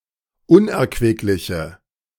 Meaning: inflection of unerquicklich: 1. strong/mixed nominative/accusative feminine singular 2. strong nominative/accusative plural 3. weak nominative all-gender singular
- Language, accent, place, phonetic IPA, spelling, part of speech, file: German, Germany, Berlin, [ˈʊnʔɛɐ̯kvɪklɪçə], unerquickliche, adjective, De-unerquickliche.ogg